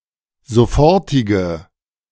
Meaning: inflection of sofortig: 1. strong/mixed nominative/accusative feminine singular 2. strong nominative/accusative plural 3. weak nominative all-gender singular
- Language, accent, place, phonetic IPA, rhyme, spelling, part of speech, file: German, Germany, Berlin, [zoˈfɔʁtɪɡə], -ɔʁtɪɡə, sofortige, adjective, De-sofortige.ogg